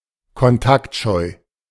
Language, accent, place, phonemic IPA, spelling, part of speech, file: German, Germany, Berlin, /kɔnˈtaktˌʃɔɪ̯/, kontaktscheu, adjective, De-kontaktscheu.ogg
- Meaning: unsociable, introverted